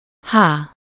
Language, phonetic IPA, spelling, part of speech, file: Hungarian, [ˈhaː], há, noun, Hu-há.ogg
- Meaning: The name of the Latin script letter H/h